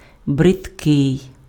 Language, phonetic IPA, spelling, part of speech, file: Ukrainian, [bredˈkɪi̯], бридкий, adjective, Uk-бридкий.ogg
- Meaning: 1. disgusting 2. ugly